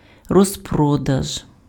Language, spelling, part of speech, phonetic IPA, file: Ukrainian, розпродаж, noun, [rɔzˈprɔdɐʒ], Uk-розпродаж.ogg
- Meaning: sale (sale of goods at reduced prices)